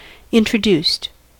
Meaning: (verb) simple past and past participle of introduce; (adjective) Not native to a location; brought from another place
- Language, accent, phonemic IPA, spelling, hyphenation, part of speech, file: English, US, /ˌɪntɹəˈduːst/, introduced, in‧tro‧duced, verb / adjective, En-us-introduced.ogg